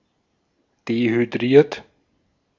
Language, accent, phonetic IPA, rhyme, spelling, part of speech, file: German, Austria, [dehyˈdʁiːɐ̯t], -iːɐ̯t, dehydriert, adjective / verb, De-at-dehydriert.ogg
- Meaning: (verb) past participle of dehydrieren; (adjective) dehydrated